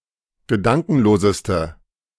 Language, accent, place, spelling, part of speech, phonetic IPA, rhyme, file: German, Germany, Berlin, gedankenloseste, adjective, [ɡəˈdaŋkn̩loːzəstə], -aŋkn̩loːzəstə, De-gedankenloseste.ogg
- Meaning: inflection of gedankenlos: 1. strong/mixed nominative/accusative feminine singular superlative degree 2. strong nominative/accusative plural superlative degree